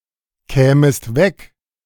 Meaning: second-person singular subjunctive II of wegkommen
- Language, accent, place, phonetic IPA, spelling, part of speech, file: German, Germany, Berlin, [ˌkɛːməst ˈvɛk], kämest weg, verb, De-kämest weg.ogg